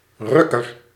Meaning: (noun) 1. a yanker, one who pulls hard 2. a wanker, a jerker, one who performs masturbation on a penis 3. a jerk; any person; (adjective) comparative degree of ruk
- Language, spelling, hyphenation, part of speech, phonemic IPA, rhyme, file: Dutch, rukker, ruk‧ker, noun / adjective, /ˈrʏ.kər/, -ʏkər, Nl-rukker.ogg